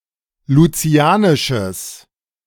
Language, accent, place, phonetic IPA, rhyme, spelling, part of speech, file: German, Germany, Berlin, [luˈt͡si̯aːnɪʃəs], -aːnɪʃəs, lucianisches, adjective, De-lucianisches.ogg
- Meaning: strong/mixed nominative/accusative neuter singular of lucianisch